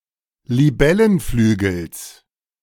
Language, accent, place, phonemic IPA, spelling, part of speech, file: German, Germany, Berlin, /liˈbɛlənˌflyːɡl̩s/, Libellenflügels, noun, De-Libellenflügels.ogg
- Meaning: genitive singular of Libellenflügel